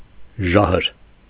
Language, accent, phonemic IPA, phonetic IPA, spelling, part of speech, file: Armenian, Eastern Armenian, /ˈʒɑhəɾ/, [ʒɑ́həɾ], ժահր, noun, Hy-ժահր.ogg
- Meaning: 1. poison 2. virus